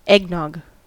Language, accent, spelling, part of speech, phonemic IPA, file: English, US, eggnog, noun, /ˈɛɡ.nɑɡ/, En-us-eggnog.ogg
- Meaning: A beverage based on milk, eggs, sugar, and nutmeg; often made alcoholic with rum, brandy, or whisky; popular at Christmas